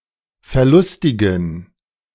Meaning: inflection of verlustig: 1. strong genitive masculine/neuter singular 2. weak/mixed genitive/dative all-gender singular 3. strong/weak/mixed accusative masculine singular 4. strong dative plural
- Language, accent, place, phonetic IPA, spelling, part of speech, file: German, Germany, Berlin, [fɛɐ̯ˈlʊstɪɡn̩], verlustigen, adjective, De-verlustigen.ogg